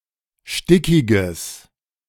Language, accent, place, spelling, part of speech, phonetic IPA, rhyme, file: German, Germany, Berlin, stickiges, adjective, [ˈʃtɪkɪɡəs], -ɪkɪɡəs, De-stickiges.ogg
- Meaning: strong/mixed nominative/accusative neuter singular of stickig